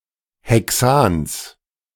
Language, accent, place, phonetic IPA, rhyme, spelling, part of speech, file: German, Germany, Berlin, [ˌhɛˈksaːns], -aːns, Hexans, noun, De-Hexans.ogg
- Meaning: genitive singular of Hexan